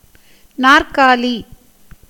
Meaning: 1. chair 2. quadruped
- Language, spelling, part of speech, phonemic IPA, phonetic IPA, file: Tamil, நாற்காலி, noun, /nɑːrkɑːliː/, [näːrkäːliː], Ta-நாற்காலி.ogg